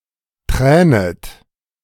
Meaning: second-person plural subjunctive I of tränen
- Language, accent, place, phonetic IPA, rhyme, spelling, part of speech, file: German, Germany, Berlin, [ˈtʁɛːnət], -ɛːnət, tränet, verb, De-tränet.ogg